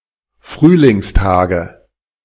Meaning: nominative/accusative/genitive plural of Frühlingstag
- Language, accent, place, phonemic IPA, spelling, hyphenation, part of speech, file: German, Germany, Berlin, /ˈfʁyːlɪŋsˌtaːɡə/, Frühlingstage, Früh‧lings‧ta‧ge, noun, De-Frühlingstage.ogg